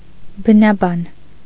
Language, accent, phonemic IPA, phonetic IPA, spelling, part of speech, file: Armenian, Eastern Armenian, /bənɑˈbɑn/, [bənɑbɑ́n], բնաբան, noun, Hy-բնաբան.ogg
- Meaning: 1. epigraph 2. motto